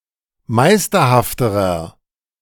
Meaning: inflection of meisterhaft: 1. strong/mixed nominative masculine singular comparative degree 2. strong genitive/dative feminine singular comparative degree 3. strong genitive plural comparative degree
- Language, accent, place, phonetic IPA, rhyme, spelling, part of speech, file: German, Germany, Berlin, [ˈmaɪ̯stɐhaftəʁɐ], -aɪ̯stɐhaftəʁɐ, meisterhafterer, adjective, De-meisterhafterer.ogg